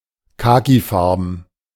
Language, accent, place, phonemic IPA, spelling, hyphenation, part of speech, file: German, Germany, Berlin, /ˈkaːkiˌfaʁbən/, kakifarben, ka‧ki‧far‧ben, adjective, De-kakifarben.ogg
- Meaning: khaki (in colour)